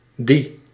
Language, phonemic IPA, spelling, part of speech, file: Dutch, /di/, di-, prefix, Nl-di-.ogg
- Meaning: meaning two, twice, or double